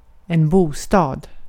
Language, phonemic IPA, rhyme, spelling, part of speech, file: Swedish, /²buːˌstɑːd/, -ɑːd, bostad, noun, Sv-bostad.ogg
- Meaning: a home, a house, an apartment, a residence (the place where somebody lives or could live)